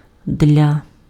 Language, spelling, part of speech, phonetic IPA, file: Ukrainian, для, preposition, [dʲlʲa], Uk-для.ogg
- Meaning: for (2)